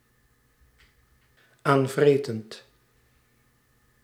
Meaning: present participle of aanvreten
- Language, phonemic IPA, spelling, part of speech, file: Dutch, /ˈaɱvrɛtənt/, aanvretend, verb, Nl-aanvretend.ogg